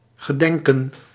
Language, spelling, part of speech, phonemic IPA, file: Dutch, gedenken, verb, /ɣəˈdɛŋkə(n)/, Nl-gedenken.ogg
- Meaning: to remember, to commemorate